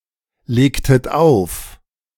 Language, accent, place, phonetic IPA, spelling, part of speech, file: German, Germany, Berlin, [ˌleːktət ˈaʊ̯f], legtet auf, verb, De-legtet auf.ogg
- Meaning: inflection of auflegen: 1. second-person plural preterite 2. second-person plural subjunctive II